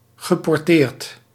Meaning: well-disposed, fond, favourable
- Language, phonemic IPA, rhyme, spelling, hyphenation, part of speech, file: Dutch, /ɣəˌpɔrˈteːrt/, -eːrt, geporteerd, ge‧por‧teerd, adjective, Nl-geporteerd.ogg